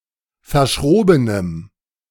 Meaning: strong dative masculine/neuter singular of verschroben
- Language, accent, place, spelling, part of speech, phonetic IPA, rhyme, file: German, Germany, Berlin, verschrobenem, adjective, [fɐˈʃʁoːbənəm], -oːbənəm, De-verschrobenem.ogg